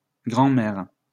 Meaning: plural of grand-mère
- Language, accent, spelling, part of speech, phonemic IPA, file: French, France, grands-mères, noun, /ɡʁɑ̃.mɛʁ/, LL-Q150 (fra)-grands-mères.wav